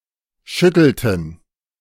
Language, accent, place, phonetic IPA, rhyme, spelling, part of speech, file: German, Germany, Berlin, [ˈʃʏtl̩tn̩], -ʏtl̩tn̩, schüttelten, verb, De-schüttelten.ogg
- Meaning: inflection of schütteln: 1. first/third-person plural preterite 2. first/third-person plural subjunctive II